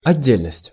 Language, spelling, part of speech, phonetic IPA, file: Russian, отдельность, noun, [ɐˈdʲːelʲnəsʲtʲ], Ru-отдельность.ogg
- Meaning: separateness